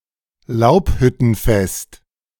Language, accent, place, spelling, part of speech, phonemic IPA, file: German, Germany, Berlin, Laubhüttenfest, noun, /ˈlaʊ̯pˌhʏtənˌfɛst/, De-Laubhüttenfest.ogg
- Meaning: Sukkot